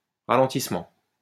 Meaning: 1. deceleration, slowing down 2. traffic jam
- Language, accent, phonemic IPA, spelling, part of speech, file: French, France, /ʁa.lɑ̃.tis.mɑ̃/, ralentissement, noun, LL-Q150 (fra)-ralentissement.wav